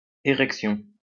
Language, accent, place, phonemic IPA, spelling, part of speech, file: French, France, Lyon, /e.ʁɛk.sjɔ̃/, érection, noun, LL-Q150 (fra)-érection.wav
- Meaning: 1. erection (of a building, a monument) 2. start (of a process) 3. erection